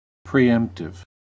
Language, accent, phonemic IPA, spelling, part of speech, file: English, US, /pɹiːˈɛmp.tɪv/, preemptive, adjective, En-us-preemptive.ogg
- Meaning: Of, relating to, or imposing preemption.: 1. Made so as to deter an anticipated unpleasant situation 2. Intended to interfere with an opponent's bidding